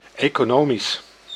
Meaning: 1. economic, relating to the economy 2. economic, relating to economics 3. economical, relating to economizing
- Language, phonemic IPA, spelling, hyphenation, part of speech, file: Dutch, /ˌeː.koːˈnoː.mis/, economisch, eco‧no‧misch, adjective, Nl-economisch.ogg